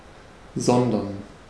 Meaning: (conjunction) rather, but (instead); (interjection) so?, then what?, so you tell me!; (verb) to separate, to sunder
- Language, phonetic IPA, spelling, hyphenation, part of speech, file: German, [ˈzɔndɐn], sondern, son‧dern, conjunction / interjection / verb, De-sondern.ogg